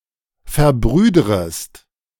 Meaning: second-person singular subjunctive I of verbrüdern
- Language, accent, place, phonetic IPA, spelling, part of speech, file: German, Germany, Berlin, [fɛɐ̯ˈbʁyːdʁəst], verbrüdrest, verb, De-verbrüdrest.ogg